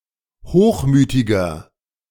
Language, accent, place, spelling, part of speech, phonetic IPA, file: German, Germany, Berlin, hochmütiger, adjective, [ˈhoːxˌmyːtɪɡɐ], De-hochmütiger.ogg
- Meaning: 1. comparative degree of hochmütig 2. inflection of hochmütig: strong/mixed nominative masculine singular 3. inflection of hochmütig: strong genitive/dative feminine singular